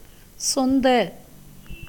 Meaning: adjectival of சொந்தம் (contam)
- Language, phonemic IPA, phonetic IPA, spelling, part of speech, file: Tamil, /tʃond̪ɐ/, [so̞n̪d̪ɐ], சொந்த, adjective, Ta-சொந்த.ogg